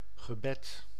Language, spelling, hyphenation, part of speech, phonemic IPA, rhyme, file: Dutch, gebed, ge‧bed, noun, /ɣəˈbɛt/, -ɛt, Nl-gebed.ogg
- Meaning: prayer